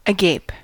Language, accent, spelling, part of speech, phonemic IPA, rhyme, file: English, US, agape, adjective / adverb, /əˈɡeɪp/, -eɪp, En-us-agape.ogg
- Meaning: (adjective) 1. In a state of astonishment, wonder, expectation, or eager attention; as with mouth hanging open 2. Wide open